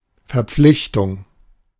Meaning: 1. obligation, responsibility 2. commitment
- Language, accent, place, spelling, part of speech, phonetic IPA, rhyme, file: German, Germany, Berlin, Verpflichtung, noun, [fɛɐ̯ˈp͡flɪçtʊŋ], -ɪçtʊŋ, De-Verpflichtung.ogg